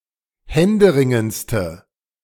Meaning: inflection of händeringend: 1. strong/mixed nominative/accusative feminine singular superlative degree 2. strong nominative/accusative plural superlative degree
- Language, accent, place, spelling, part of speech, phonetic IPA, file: German, Germany, Berlin, händeringendste, adjective, [ˈhɛndəˌʁɪŋənt͡stə], De-händeringendste.ogg